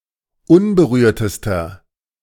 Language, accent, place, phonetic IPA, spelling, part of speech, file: German, Germany, Berlin, [ˈʊnbəˌʁyːɐ̯təstɐ], unberührtester, adjective, De-unberührtester.ogg
- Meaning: inflection of unberührt: 1. strong/mixed nominative masculine singular superlative degree 2. strong genitive/dative feminine singular superlative degree 3. strong genitive plural superlative degree